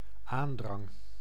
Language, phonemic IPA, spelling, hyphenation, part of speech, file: Dutch, /ˈaːn.drɑŋ/, aandrang, aan‧drang, noun, Nl-aandrang.ogg
- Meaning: 1. urge, inclination 2. insistance, urging